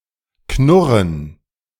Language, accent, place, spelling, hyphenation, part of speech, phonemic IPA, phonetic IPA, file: German, Germany, Berlin, Knurren, Knur‧ren, noun, /ˈknʊʁən/, [ˈkʰnʊʁn], De-Knurren.ogg
- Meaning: gerund of knurren